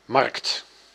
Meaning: 1. a physical market place, usually a public square 2. The whole of trade, commercial activity 3. any specific economic sector where competitive trade occurs in goods or services
- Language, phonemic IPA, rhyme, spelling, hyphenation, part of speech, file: Dutch, /mɑrkt/, -ɑrkt, markt, markt, noun, Nl-markt.ogg